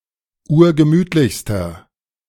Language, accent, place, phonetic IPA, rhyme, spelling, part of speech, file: German, Germany, Berlin, [ˈuːɐ̯ɡəˈmyːtlɪçstɐ], -yːtlɪçstɐ, urgemütlichster, adjective, De-urgemütlichster.ogg
- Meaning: inflection of urgemütlich: 1. strong/mixed nominative masculine singular superlative degree 2. strong genitive/dative feminine singular superlative degree 3. strong genitive plural superlative degree